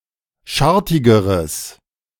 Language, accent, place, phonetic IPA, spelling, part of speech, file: German, Germany, Berlin, [ˈʃaʁtɪɡəʁəs], schartigeres, adjective, De-schartigeres.ogg
- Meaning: strong/mixed nominative/accusative neuter singular comparative degree of schartig